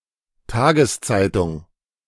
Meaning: daily (a newspaper that is published every day)
- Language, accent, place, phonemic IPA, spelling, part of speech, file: German, Germany, Berlin, /ˈtaːɡəsˌt͡saɪ̯tʊŋ/, Tageszeitung, noun, De-Tageszeitung.ogg